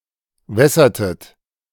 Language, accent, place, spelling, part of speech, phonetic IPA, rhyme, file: German, Germany, Berlin, wässertet, verb, [ˈvɛsɐtət], -ɛsɐtət, De-wässertet.ogg
- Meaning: inflection of wässern: 1. second-person plural preterite 2. second-person plural subjunctive II